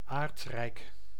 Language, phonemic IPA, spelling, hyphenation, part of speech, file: Dutch, /ˈaːrt.rɛi̯k/, aardrijk, aard‧rijk, noun, Nl-aardrijk.ogg
- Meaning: earth